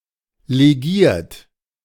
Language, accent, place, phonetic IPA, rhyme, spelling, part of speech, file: German, Germany, Berlin, [leˈɡiːɐ̯t], -iːɐ̯t, legiert, verb, De-legiert.ogg
- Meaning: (verb) past participle of legieren; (adjective) alloyed